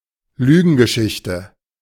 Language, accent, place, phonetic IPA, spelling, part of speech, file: German, Germany, Berlin, [ˈlyːɡn̩ɡəˌʃɪçtə], Lügengeschichte, noun, De-Lügengeschichte.ogg
- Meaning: 1. cock-and-bull story (fanciful story) 2. porkies; whopper (a lie, especially an elaborate but implausible one)